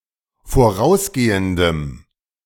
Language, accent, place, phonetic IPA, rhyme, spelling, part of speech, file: German, Germany, Berlin, [foˈʁaʊ̯sˌɡeːəndəm], -aʊ̯sɡeːəndəm, vorausgehendem, adjective, De-vorausgehendem.ogg
- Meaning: strong dative masculine/neuter singular of vorausgehend